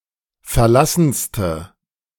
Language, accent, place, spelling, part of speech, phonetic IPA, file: German, Germany, Berlin, verlassenste, adjective, [fɛɐ̯ˈlasn̩stə], De-verlassenste.ogg
- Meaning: inflection of verlassen: 1. strong/mixed nominative/accusative feminine singular superlative degree 2. strong nominative/accusative plural superlative degree